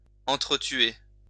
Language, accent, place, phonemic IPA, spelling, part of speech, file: French, France, Lyon, /ɑ̃.tʁə.tɥe/, entre-tuer, verb, LL-Q150 (fra)-entre-tuer.wav
- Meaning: to kill each other